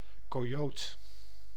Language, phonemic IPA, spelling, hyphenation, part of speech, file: Dutch, /ˌkoːˈjoːt(ə)/, coyote, co‧yo‧te, noun, Nl-coyote.ogg
- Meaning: coyote (Canis latrans)